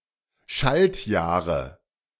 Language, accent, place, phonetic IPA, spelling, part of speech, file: German, Germany, Berlin, [ˈʃaltˌjaːʁə], Schaltjahre, noun, De-Schaltjahre.ogg
- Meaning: nominative/accusative/genitive plural of Schaltjahr